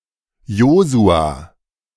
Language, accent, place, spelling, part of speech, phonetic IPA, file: German, Germany, Berlin, Josua, proper noun, [ˈjoːzu̯a], De-Josua.ogg
- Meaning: 1. Joshua 2. a male given name originating from the Bible, of rare usage 3. Joshua: Book of Joshua, book of the Bible